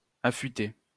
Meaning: 1. to sharpen; to whet (e.g. a tool) 2. to hone (a skill) 3. to eat 4. to dance 5. to mount on a gun carriage
- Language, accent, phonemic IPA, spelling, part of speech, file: French, France, /a.fy.te/, affûter, verb, LL-Q150 (fra)-affûter.wav